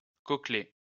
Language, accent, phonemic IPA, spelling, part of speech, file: French, France, /kɔ.kle/, cochlée, noun, LL-Q150 (fra)-cochlée.wav
- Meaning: cochlea (the complex, spirally coiled, tapered cavity of the inner ear)